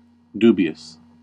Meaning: 1. Arousing doubt; questionable; open to suspicion 2. In disbelief; wavering, uncertain, or hesitating in opinion; inclined to doubt; undecided
- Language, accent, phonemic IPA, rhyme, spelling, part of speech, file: English, US, /ˈdu.bi.əs/, -uːbiəs, dubious, adjective, En-us-dubious.ogg